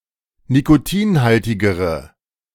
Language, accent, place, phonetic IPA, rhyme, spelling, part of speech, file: German, Germany, Berlin, [nikoˈtiːnˌhaltɪɡəʁə], -iːnhaltɪɡəʁə, nikotinhaltigere, adjective, De-nikotinhaltigere.ogg
- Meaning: inflection of nikotinhaltig: 1. strong/mixed nominative/accusative feminine singular comparative degree 2. strong nominative/accusative plural comparative degree